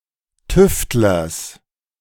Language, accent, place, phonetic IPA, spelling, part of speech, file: German, Germany, Berlin, [ˈtʏftlɐs], Tüftlers, noun, De-Tüftlers.ogg
- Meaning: genitive singular of Tüftler